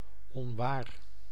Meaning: untrue (not factual, objectively wrong)
- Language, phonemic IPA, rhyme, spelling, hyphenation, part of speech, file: Dutch, /ɔnˈʋaːr/, -aːr, onwaar, on‧waar, adjective, Nl-onwaar.ogg